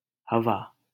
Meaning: 1. air, wind, breeze 2. atmosphere
- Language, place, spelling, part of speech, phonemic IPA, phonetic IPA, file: Hindi, Delhi, हवा, noun, /ɦə.ʋɑː/, [ɦɐ.ʋäː], LL-Q1568 (hin)-हवा.wav